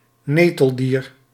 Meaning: cnidarian (any member of the phylum Cnidaria)
- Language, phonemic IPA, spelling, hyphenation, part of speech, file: Dutch, /ˈneː.təlˌdir/, neteldier, ne‧tel‧dier, noun, Nl-neteldier.ogg